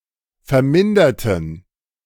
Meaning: inflection of vermindert: 1. strong genitive masculine/neuter singular 2. weak/mixed genitive/dative all-gender singular 3. strong/weak/mixed accusative masculine singular 4. strong dative plural
- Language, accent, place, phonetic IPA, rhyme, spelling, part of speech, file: German, Germany, Berlin, [fɛɐ̯ˈmɪndɐtn̩], -ɪndɐtn̩, verminderten, adjective / verb, De-verminderten.ogg